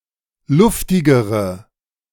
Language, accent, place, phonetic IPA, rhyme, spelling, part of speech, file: German, Germany, Berlin, [ˈlʊftɪɡəʁə], -ʊftɪɡəʁə, luftigere, adjective, De-luftigere.ogg
- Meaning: inflection of luftig: 1. strong/mixed nominative/accusative feminine singular comparative degree 2. strong nominative/accusative plural comparative degree